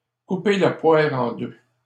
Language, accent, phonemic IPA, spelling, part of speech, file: French, Canada, /ku.pe la pwa.ʁ‿ɑ̃ dø/, couper la poire en deux, verb, LL-Q150 (fra)-couper la poire en deux.wav
- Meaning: to split the difference, to meet halfway